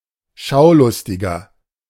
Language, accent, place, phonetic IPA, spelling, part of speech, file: German, Germany, Berlin, [ˈʃaʊ̯ˌlʊstɪɡɐ], Schaulustiger, noun, De-Schaulustiger.ogg
- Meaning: 1. rubbernecker, onlooker (male or of unspecified gender) 2. inflection of Schaulustige: strong genitive/dative singular 3. inflection of Schaulustige: strong genitive plural